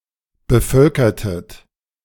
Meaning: inflection of bevölkern: 1. second-person plural preterite 2. second-person plural subjunctive II
- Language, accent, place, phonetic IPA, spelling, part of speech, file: German, Germany, Berlin, [bəˈfœlkɐtət], bevölkertet, verb, De-bevölkertet.ogg